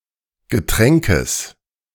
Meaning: genitive singular of Getränk
- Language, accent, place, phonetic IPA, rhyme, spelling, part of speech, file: German, Germany, Berlin, [ɡəˈtʁɛŋkəs], -ɛŋkəs, Getränkes, noun, De-Getränkes.ogg